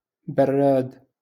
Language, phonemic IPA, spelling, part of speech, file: Moroccan Arabic, /bar.raːd/, براد, noun, LL-Q56426 (ary)-براد.wav
- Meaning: teapot